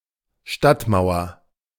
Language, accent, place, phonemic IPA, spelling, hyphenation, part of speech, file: German, Germany, Berlin, /ˈʃtatˌmaʊ̯ɐ/, Stadtmauer, Stadt‧mau‧er, noun, De-Stadtmauer.ogg
- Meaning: city wall